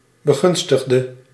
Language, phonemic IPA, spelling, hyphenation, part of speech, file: Dutch, /bəˈɣʏnstəɣdə/, begunstigde, be‧gun‧stig‧de, noun, Nl-begunstigde.ogg
- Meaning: beneficiary